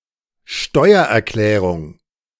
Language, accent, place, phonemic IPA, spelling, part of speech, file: German, Germany, Berlin, /ˈʃtɔɪ̯ɐʔɛɐ̯ˌklɛːʁʊŋ/, Steuererklärung, noun, De-Steuererklärung.ogg
- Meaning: tax return